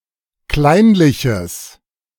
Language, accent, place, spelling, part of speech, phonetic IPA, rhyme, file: German, Germany, Berlin, kleinliches, adjective, [ˈklaɪ̯nlɪçəs], -aɪ̯nlɪçəs, De-kleinliches.ogg
- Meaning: strong/mixed nominative/accusative neuter singular of kleinlich